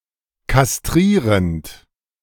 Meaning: present participle of kastrieren
- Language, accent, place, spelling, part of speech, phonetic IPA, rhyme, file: German, Germany, Berlin, kastrierend, verb, [kasˈtʁiːʁənt], -iːʁənt, De-kastrierend.ogg